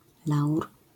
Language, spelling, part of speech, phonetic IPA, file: Polish, laur, noun, [lawr], LL-Q809 (pol)-laur.wav